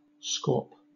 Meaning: 1. Any of three species of small diving duck in the genus Aythya 2. Alternative form of scalp (“a bed or stratum of shellfish”)
- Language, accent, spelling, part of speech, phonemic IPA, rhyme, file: English, Southern England, scaup, noun, /skɔːp/, -ɔːp, LL-Q1860 (eng)-scaup.wav